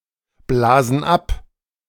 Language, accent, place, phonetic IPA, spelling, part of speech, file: German, Germany, Berlin, [ˌblaːzn̩ ˈap], blasen ab, verb, De-blasen ab.ogg
- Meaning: inflection of abblasen: 1. first/third-person plural present 2. first/third-person plural subjunctive I